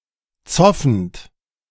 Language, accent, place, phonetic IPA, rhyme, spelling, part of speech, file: German, Germany, Berlin, [ˈt͡sɔfn̩t], -ɔfn̩t, zoffend, verb, De-zoffend.ogg
- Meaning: present participle of zoffen